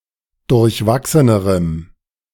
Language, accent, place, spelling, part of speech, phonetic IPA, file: German, Germany, Berlin, durchwachsenerem, adjective, [dʊʁçˈvaksənəʁəm], De-durchwachsenerem.ogg
- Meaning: strong dative masculine/neuter singular comparative degree of durchwachsen